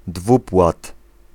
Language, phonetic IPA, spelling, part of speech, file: Polish, [ˈdvupwat], dwupłat, noun, Pl-dwupłat.ogg